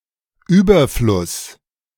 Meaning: 1. abundance, profusion 2. surplus
- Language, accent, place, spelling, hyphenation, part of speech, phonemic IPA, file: German, Germany, Berlin, Überfluss, Über‧fluss, noun, /ˈyːbɐflʊs/, De-Überfluss.ogg